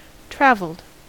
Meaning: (adjective) Standard spelling of traveled; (verb) simple past and past participle of travel
- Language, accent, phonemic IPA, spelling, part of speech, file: English, US, /ˈtɹævl̩d/, travelled, adjective / verb, En-us-travelled.ogg